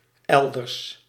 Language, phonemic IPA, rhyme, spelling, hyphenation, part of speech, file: Dutch, /ˈɛl.dərs/, -ɛldərs, elders, el‧ders, adverb, Nl-elders.ogg
- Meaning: elsewhere